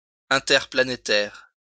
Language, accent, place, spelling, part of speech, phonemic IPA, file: French, France, Lyon, interplanétaire, adjective, /ɛ̃.tɛʁ.pla.ne.tɛʁ/, LL-Q150 (fra)-interplanétaire.wav
- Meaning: interplanetary